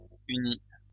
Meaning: inflection of unir: 1. first/second-person singular present indicative 2. first/second-person singular past historic 3. second-person singular imperative
- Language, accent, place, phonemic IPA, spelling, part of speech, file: French, France, Lyon, /y.ni/, unis, verb, LL-Q150 (fra)-unis.wav